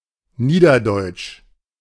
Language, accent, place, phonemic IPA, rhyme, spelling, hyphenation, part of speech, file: German, Germany, Berlin, /ˈniːdɐdɔɪ̯t͡ʃ/, -ɔɪ̯t͡ʃ, niederdeutsch, nie‧der‧deutsch, adjective, De-niederdeutsch.ogg
- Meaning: Low German (related to the Low German language)